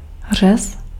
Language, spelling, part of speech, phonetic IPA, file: Czech, řez, noun, [ˈr̝ɛs], Cs-řez.ogg
- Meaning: section, cutting